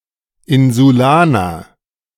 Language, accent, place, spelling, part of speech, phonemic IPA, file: German, Germany, Berlin, Insulaner, noun, /ˌɪnzuˈlaːnɐ/, De-Insulaner.ogg
- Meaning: islander